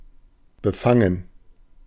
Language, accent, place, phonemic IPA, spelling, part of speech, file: German, Germany, Berlin, /bəˈfaŋən/, befangen, verb / adjective, De-befangen.ogg
- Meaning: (verb) 1. to apprehend, to seize, to grasp, to conceive 2. to encompass, to surround; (adjective) 1. biased, prejudiced 2. bashful, shy, self-conscious